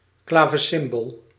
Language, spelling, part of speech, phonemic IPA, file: Dutch, klavecimbel, noun, /ˈklaː.və.sɪmˌbəl/, Nl-klavecimbel.ogg
- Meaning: harpsichord